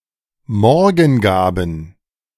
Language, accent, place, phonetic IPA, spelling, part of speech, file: German, Germany, Berlin, [ˈmɔʁɡn̩ˌɡaːbn̩], Morgengaben, noun, De-Morgengaben.ogg
- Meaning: plural of Morgengabe